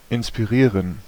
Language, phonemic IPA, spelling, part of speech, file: German, /ɪnspiˈʁiːʁən/, inspirieren, verb, De-inspirieren.ogg
- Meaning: to inspire